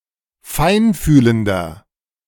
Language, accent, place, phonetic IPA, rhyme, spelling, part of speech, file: German, Germany, Berlin, [ˈfaɪ̯nˌfyːləndɐ], -aɪ̯nfyːləndɐ, feinfühlender, adjective, De-feinfühlender.ogg
- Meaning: 1. comparative degree of feinfühlend 2. inflection of feinfühlend: strong/mixed nominative masculine singular 3. inflection of feinfühlend: strong genitive/dative feminine singular